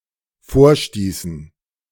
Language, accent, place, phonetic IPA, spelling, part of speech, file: German, Germany, Berlin, [ˈfoːɐ̯ˌʃtiːsn̩], vorstießen, verb, De-vorstießen.ogg
- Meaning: inflection of vorstoßen: 1. first/third-person plural dependent preterite 2. first/third-person plural dependent subjunctive II